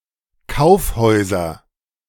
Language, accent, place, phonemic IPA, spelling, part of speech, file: German, Germany, Berlin, /ˈkaʊ̯fˌhɔɪ̯zɐ/, Kaufhäuser, noun, De-Kaufhäuser.ogg
- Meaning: nominative/accusative/genitive plural of Kaufhaus